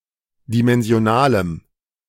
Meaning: strong dative masculine/neuter singular of dimensional
- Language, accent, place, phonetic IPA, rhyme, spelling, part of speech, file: German, Germany, Berlin, [dimɛnzi̯oˈnaːləm], -aːləm, dimensionalem, adjective, De-dimensionalem.ogg